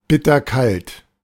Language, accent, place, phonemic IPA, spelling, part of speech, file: German, Germany, Berlin, /ˌbɪtɐˈkalt/, bitterkalt, adjective, De-bitterkalt.ogg
- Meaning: bitterly cold